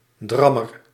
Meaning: nagger, one who nags, someone who appears annoying
- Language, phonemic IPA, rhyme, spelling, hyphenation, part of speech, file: Dutch, /ˈdrɑ.mər/, -ɑmər, drammer, dram‧mer, noun, Nl-drammer.ogg